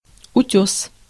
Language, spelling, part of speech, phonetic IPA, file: Russian, утёс, noun, [ʊˈtʲɵs], Ru-утёс.ogg
- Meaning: rock, cliff, crag